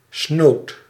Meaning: villanous and criminal
- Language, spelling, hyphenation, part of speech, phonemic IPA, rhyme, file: Dutch, snood, snood, adjective, /snoːt/, -oːt, Nl-snood.ogg